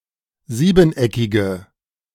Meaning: inflection of siebeneckig: 1. strong/mixed nominative/accusative feminine singular 2. strong nominative/accusative plural 3. weak nominative all-gender singular
- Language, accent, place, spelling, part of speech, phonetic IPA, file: German, Germany, Berlin, siebeneckige, adjective, [ˈziːbn̩ˌʔɛkɪɡə], De-siebeneckige.ogg